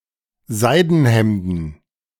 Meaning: plural of Seidenhemd
- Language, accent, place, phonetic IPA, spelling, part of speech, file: German, Germany, Berlin, [ˈzaɪ̯dn̩ˌhɛmdn̩], Seidenhemden, noun, De-Seidenhemden.ogg